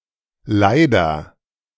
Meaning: sufferer
- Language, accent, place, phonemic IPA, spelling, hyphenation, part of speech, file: German, Germany, Berlin, /ˈlaɪ̯dɐ/, Leider, Lei‧der, noun, De-Leider.ogg